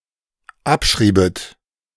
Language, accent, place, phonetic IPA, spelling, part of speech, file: German, Germany, Berlin, [ˈapˌʃʁiːbət], abschriebet, verb, De-abschriebet.ogg
- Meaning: second-person plural dependent subjunctive II of abschreiben